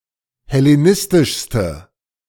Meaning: inflection of hellenistisch: 1. strong/mixed nominative/accusative feminine singular superlative degree 2. strong nominative/accusative plural superlative degree
- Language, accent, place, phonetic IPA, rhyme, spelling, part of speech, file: German, Germany, Berlin, [hɛleˈnɪstɪʃstə], -ɪstɪʃstə, hellenistischste, adjective, De-hellenistischste.ogg